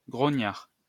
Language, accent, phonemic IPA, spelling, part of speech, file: French, France, /ɡʁɔ.ɲaʁ/, grognard, noun, LL-Q150 (fra)-grognard.wav
- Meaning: 1. a grumbler; one who grumbles 2. an old veteran soldier, specifically an old grenadier of the Imperial Guard (Grenadiers à pied de la Garde Impériale); an old complaining soldier